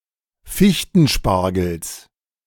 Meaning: genitive of Fichtenspargel
- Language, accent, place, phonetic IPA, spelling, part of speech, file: German, Germany, Berlin, [ˈfɪçtn̩ˌʃpaʁɡl̩s], Fichtenspargels, noun, De-Fichtenspargels.ogg